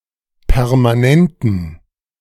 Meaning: inflection of permanent: 1. strong genitive masculine/neuter singular 2. weak/mixed genitive/dative all-gender singular 3. strong/weak/mixed accusative masculine singular 4. strong dative plural
- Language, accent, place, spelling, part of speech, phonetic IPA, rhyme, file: German, Germany, Berlin, permanenten, adjective, [pɛʁmaˈnɛntn̩], -ɛntn̩, De-permanenten.ogg